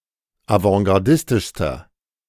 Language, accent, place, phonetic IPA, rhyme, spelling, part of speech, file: German, Germany, Berlin, [avɑ̃ɡaʁˈdɪstɪʃstɐ], -ɪstɪʃstɐ, avantgardistischster, adjective, De-avantgardistischster.ogg
- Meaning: inflection of avantgardistisch: 1. strong/mixed nominative masculine singular superlative degree 2. strong genitive/dative feminine singular superlative degree